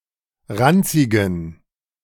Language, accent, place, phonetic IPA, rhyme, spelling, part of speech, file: German, Germany, Berlin, [ˈʁant͡sɪɡn̩], -ant͡sɪɡn̩, ranzigen, adjective, De-ranzigen.ogg
- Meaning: inflection of ranzig: 1. strong genitive masculine/neuter singular 2. weak/mixed genitive/dative all-gender singular 3. strong/weak/mixed accusative masculine singular 4. strong dative plural